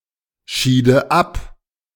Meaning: first/third-person singular subjunctive II of abscheiden
- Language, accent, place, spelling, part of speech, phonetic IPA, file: German, Germany, Berlin, schiede ab, verb, [ˌʃiːdə ˈap], De-schiede ab.ogg